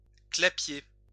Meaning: 1. rabbit hutch 2. an overcrowded, unhealthy dwelling, dump 3. scree
- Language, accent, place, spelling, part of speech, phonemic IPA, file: French, France, Lyon, clapier, noun, /kla.pje/, LL-Q150 (fra)-clapier.wav